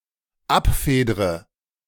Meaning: inflection of abfedern: 1. first-person singular dependent present 2. first/third-person singular dependent subjunctive I
- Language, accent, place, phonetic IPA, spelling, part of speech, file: German, Germany, Berlin, [ˈapˌfeːdʁə], abfedre, verb, De-abfedre.ogg